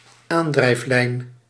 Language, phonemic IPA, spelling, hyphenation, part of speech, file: Dutch, /ˈaːn.drɛi̯fˌlɛi̯n/, aandrijflijn, aan‧drijf‧lijn, noun, Nl-aandrijflijn.ogg
- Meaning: powertrain, drivetrain